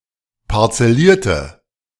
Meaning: inflection of parzellieren: 1. first/third-person singular preterite 2. first/third-person singular subjunctive II
- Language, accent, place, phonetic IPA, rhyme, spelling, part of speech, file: German, Germany, Berlin, [paʁt͡sɛˈliːɐ̯tə], -iːɐ̯tə, parzellierte, adjective / verb, De-parzellierte.ogg